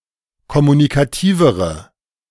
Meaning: inflection of kommunikativ: 1. strong/mixed nominative/accusative feminine singular comparative degree 2. strong nominative/accusative plural comparative degree
- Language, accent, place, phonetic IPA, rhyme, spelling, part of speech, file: German, Germany, Berlin, [kɔmunikaˈtiːvəʁə], -iːvəʁə, kommunikativere, adjective, De-kommunikativere.ogg